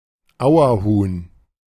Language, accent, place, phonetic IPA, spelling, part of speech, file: German, Germany, Berlin, [ˈaʊ̯ɐˌhuːn], Auerhuhn, noun, De-Auerhuhn.ogg
- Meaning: capercaillie, wood grouse (Tetrao urogallus)